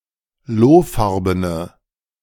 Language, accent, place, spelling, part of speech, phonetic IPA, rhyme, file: German, Germany, Berlin, lohfarbene, adjective, [ˈloːˌfaʁbənə], -oːfaʁbənə, De-lohfarbene.ogg
- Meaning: inflection of lohfarben: 1. strong/mixed nominative/accusative feminine singular 2. strong nominative/accusative plural 3. weak nominative all-gender singular